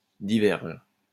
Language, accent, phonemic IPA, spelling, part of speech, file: French, France, /di.vɛʁʒ/, diverge, verb, LL-Q150 (fra)-diverge.wav
- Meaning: inflection of diverger: 1. first/third-person singular present indicative/subjunctive 2. second-person singular imperative